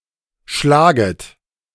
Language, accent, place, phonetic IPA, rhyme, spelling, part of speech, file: German, Germany, Berlin, [ˈʃlaːɡət], -aːɡət, schlaget, verb, De-schlaget.ogg
- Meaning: second-person plural subjunctive I of schlagen